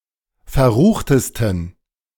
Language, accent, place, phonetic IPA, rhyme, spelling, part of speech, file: German, Germany, Berlin, [fɛɐ̯ˈʁuːxtəstn̩], -uːxtəstn̩, verruchtesten, adjective, De-verruchtesten.ogg
- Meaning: 1. superlative degree of verrucht 2. inflection of verrucht: strong genitive masculine/neuter singular superlative degree